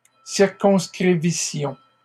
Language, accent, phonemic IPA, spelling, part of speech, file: French, Canada, /siʁ.kɔ̃s.kʁi.vi.sjɔ̃/, circonscrivissions, verb, LL-Q150 (fra)-circonscrivissions.wav
- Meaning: first-person plural imperfect subjunctive of circonscrire